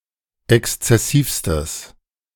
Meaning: strong/mixed nominative/accusative neuter singular superlative degree of exzessiv
- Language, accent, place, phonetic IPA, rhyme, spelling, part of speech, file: German, Germany, Berlin, [ˌɛkst͡sɛˈsiːfstəs], -iːfstəs, exzessivstes, adjective, De-exzessivstes.ogg